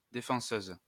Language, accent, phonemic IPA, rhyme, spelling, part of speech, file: French, France, /de.fɑ̃.søz/, -øz, défenseuse, noun, LL-Q150 (fra)-défenseuse.wav
- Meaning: female equivalent of défenseur